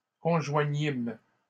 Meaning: first-person plural past historic of conjoindre
- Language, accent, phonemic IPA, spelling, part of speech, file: French, Canada, /kɔ̃.ʒwa.ɲim/, conjoignîmes, verb, LL-Q150 (fra)-conjoignîmes.wav